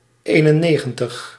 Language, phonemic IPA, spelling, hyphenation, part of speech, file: Dutch, /ˈeː.nəˌneːɣ.ə(n).təx/, eenennegentig, een‧en‧ne‧gen‧tig, numeral, Nl-eenennegentig.ogg
- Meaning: ninety-one